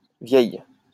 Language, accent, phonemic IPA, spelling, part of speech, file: French, France, /vjɛj/, vieille, adjective, LL-Q150 (fra)-vieille.wav
- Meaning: feminine singular of vieux